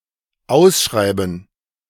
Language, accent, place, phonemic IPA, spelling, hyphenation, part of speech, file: German, Germany, Berlin, /ˈaʊ̯sˌʃʁaɪ̯bn̩/, ausschreiben, aus‧schrei‧ben, verb, De-ausschreiben.ogg
- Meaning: 1. to advertise 2. to advertise for bids 3. to announce 4. to invite tenders 5. to spell in full 6. to put something out for tender 7. to write something out